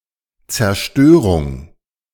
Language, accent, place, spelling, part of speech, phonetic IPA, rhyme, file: German, Germany, Berlin, Zerstörung, noun, [t͡sɛɐ̯ˈʃtøːʁʊŋ], -øːʁʊŋ, De-Zerstörung.ogg
- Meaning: 1. destruction, demolition 2. overthrow, ruin